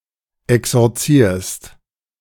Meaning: second-person singular present of exorzieren
- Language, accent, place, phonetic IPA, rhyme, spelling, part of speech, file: German, Germany, Berlin, [ɛksɔʁˈt͡siːɐ̯st], -iːɐ̯st, exorzierst, verb, De-exorzierst.ogg